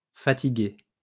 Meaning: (adjective) feminine singular of fatigué; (verb) feminine singular of parlé
- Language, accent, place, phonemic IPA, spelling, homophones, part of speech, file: French, France, Lyon, /fa.ti.ɡe/, fatiguée, fatiguai / fatigué / fatiguées / fatiguer / fatigués / fatiguez, adjective / verb, LL-Q150 (fra)-fatiguée.wav